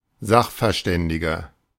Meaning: 1. expert (male or of unspecified gender) 2. inflection of Sachverständige: strong genitive/dative singular 3. inflection of Sachverständige: strong genitive plural
- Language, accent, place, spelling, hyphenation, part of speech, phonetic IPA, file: German, Germany, Berlin, Sachverständiger, Sach‧ver‧stän‧di‧ger, noun, [ˈzaxfɛɐ̯ˌʃtɛndɪɡɐ], De-Sachverständiger.ogg